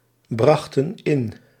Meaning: inflection of inbrengen: 1. plural past indicative 2. plural past subjunctive
- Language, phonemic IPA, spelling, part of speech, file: Dutch, /ˈbrɑxtə(n) ˈɪn/, brachten in, verb, Nl-brachten in.ogg